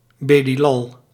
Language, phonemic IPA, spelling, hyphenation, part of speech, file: Dutch, /bəˈdɪlˌɑl/, bedilal, be‧dil‧al, noun, Nl-bedilal.ogg
- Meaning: someone who condescends excessively and pettily